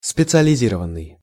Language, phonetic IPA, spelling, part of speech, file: Russian, [spʲɪt͡sɨəlʲɪˈzʲirəvən(ː)ɨj], специализированный, verb / adjective, Ru-специализированный.ogg
- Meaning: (verb) past passive participle of специализи́ровать (specializírovatʹ); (adjective) special-purpose, specialized, special, dedicated